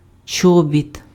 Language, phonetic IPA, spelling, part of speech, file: Ukrainian, [ˈt͡ʃɔbʲit], чобіт, noun, Uk-чобіт.ogg
- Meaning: boot; sturdy footwear covering the foot and extending above the ankle, often for outdoor or winter use